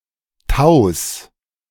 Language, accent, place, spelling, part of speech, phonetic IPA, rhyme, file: German, Germany, Berlin, Taus, noun, [taʊ̯s], -aʊ̯s, De-Taus.ogg
- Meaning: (proper noun) Domažlice (a town in the Plzeň Region, Czech Republic); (noun) genitive singular of Tau